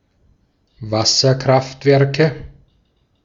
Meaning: nominative/accusative/genitive plural of Wasserkraftwerk
- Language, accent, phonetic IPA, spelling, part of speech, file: German, Austria, [ˈvasɐˌkʁaftvɛʁkə], Wasserkraftwerke, noun, De-at-Wasserkraftwerke.ogg